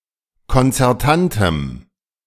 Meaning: strong dative masculine/neuter singular of konzertant
- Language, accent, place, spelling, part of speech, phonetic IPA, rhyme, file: German, Germany, Berlin, konzertantem, adjective, [kɔnt͡sɛʁˈtantəm], -antəm, De-konzertantem.ogg